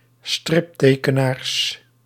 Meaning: plural of striptekenaar
- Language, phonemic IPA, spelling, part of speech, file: Dutch, /ˈstrɪptekəˌnars/, striptekenaars, noun, Nl-striptekenaars.ogg